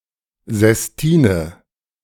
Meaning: sestina
- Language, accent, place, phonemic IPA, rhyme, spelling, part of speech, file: German, Germany, Berlin, /zɛsˈtiːnə/, -iːnə, Sestine, noun, De-Sestine.ogg